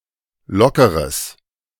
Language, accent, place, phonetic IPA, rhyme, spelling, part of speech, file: German, Germany, Berlin, [ˈlɔkəʁəs], -ɔkəʁəs, lockeres, adjective, De-lockeres.ogg
- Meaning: strong/mixed nominative/accusative neuter singular of locker